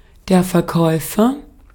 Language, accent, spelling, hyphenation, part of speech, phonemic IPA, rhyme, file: German, Austria, Verkäufer, Ver‧käu‧fer, noun, /fɛɐ̯ˈkɔɪ̯fɐ/, -ɔɪ̯fɐ, De-at-Verkäufer.ogg
- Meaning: agent noun of verkaufen: 1. seller (one who sells something) 2. salesclerk, salesman, shop assistant, sales assistant, vendor (one whose profession is to sell things)